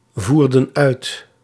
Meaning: inflection of uitvoeren: 1. plural past indicative 2. plural past subjunctive
- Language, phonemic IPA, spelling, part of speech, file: Dutch, /ˈvurdə(n) ˈœyt/, voerden uit, verb, Nl-voerden uit.ogg